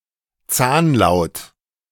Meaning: dental
- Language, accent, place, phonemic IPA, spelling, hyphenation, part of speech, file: German, Germany, Berlin, /ˈt͡saːnˌlaʊ̯t/, Zahnlaut, Zahn‧laut, noun, De-Zahnlaut.ogg